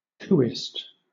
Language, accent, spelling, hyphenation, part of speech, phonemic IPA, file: English, Southern England, coupist, coup‧ist, noun, /ˈkuːɪst/, LL-Q1860 (eng)-coupist.wav
- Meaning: One who takes part in a coup d'état